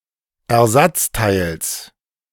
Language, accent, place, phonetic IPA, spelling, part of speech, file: German, Germany, Berlin, [ɛɐ̯ˈzat͡staɪ̯ls], Ersatzteils, noun, De-Ersatzteils.ogg
- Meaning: genitive singular of Ersatzteil